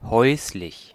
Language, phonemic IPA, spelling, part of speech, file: German, /ˈhɔɪ̯slɪç/, häuslich, adjective, De-häuslich.ogg
- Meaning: 1. domestic, homely, household 2. domesticated